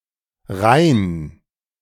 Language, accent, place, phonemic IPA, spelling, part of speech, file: German, Germany, Berlin, /ʁaɪ̯n/, rein-, prefix, De-rein-.ogg
- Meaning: A prefix, conveying movement into something